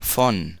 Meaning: 1. from 2. of, belonging to (often replacing genitive; see usage note below) 3. by; denotes the agent in passive voice 4. about, of (a topic) 5. on, with (a resource)
- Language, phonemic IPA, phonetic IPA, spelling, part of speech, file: German, /fɔn/, [fɔn], von, preposition, De-von.ogg